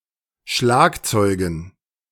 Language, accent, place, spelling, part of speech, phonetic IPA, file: German, Germany, Berlin, Schlagzeugen, noun, [ˈʃlaːkˌt͡sɔɪ̯ɡn̩], De-Schlagzeugen.ogg
- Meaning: dative plural of Schlagzeug